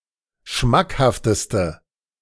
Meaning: inflection of schmackhaft: 1. strong/mixed nominative/accusative feminine singular superlative degree 2. strong nominative/accusative plural superlative degree
- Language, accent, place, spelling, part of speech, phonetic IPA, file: German, Germany, Berlin, schmackhafteste, adjective, [ˈʃmakhaftəstə], De-schmackhafteste.ogg